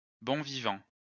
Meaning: a bon vivant, who enjoys the good things in life
- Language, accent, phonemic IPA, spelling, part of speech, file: French, France, /bɔ̃ vi.vɑ̃/, bon vivant, noun, LL-Q150 (fra)-bon vivant.wav